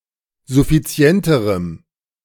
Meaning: strong dative masculine/neuter singular comparative degree of suffizient
- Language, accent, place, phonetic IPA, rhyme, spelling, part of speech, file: German, Germany, Berlin, [zʊfiˈt͡si̯ɛntəʁəm], -ɛntəʁəm, suffizienterem, adjective, De-suffizienterem.ogg